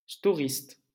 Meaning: blind / awning manufacturer or seller
- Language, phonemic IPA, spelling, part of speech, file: French, /stɔ.ʁist/, storiste, noun, LL-Q150 (fra)-storiste.wav